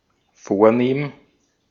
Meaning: 1. elegant; posh; high-class; distinguished 2. aristocratic; noble; stately (of the aristocracy; befitting aristocracy)
- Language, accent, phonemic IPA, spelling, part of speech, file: German, Austria, /ˈfoːɐ̯ˌneːm/, vornehm, adjective, De-at-vornehm.ogg